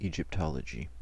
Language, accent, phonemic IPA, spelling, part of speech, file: English, US, /ˌid͡ʒɪpˈtɑləd͡ʒi/, Egyptology, noun, En-us-egyptology.ogg
- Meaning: 1. The study of ancient Egypt 2. A work concerning ancient Egypt